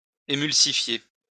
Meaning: to emulsify
- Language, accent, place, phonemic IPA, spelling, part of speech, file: French, France, Lyon, /e.myl.si.fje/, émulsifier, verb, LL-Q150 (fra)-émulsifier.wav